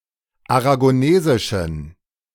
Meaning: inflection of aragonesisch: 1. strong genitive masculine/neuter singular 2. weak/mixed genitive/dative all-gender singular 3. strong/weak/mixed accusative masculine singular 4. strong dative plural
- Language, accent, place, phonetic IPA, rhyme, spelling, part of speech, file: German, Germany, Berlin, [aʁaɡoˈneːzɪʃn̩], -eːzɪʃn̩, aragonesischen, adjective, De-aragonesischen.ogg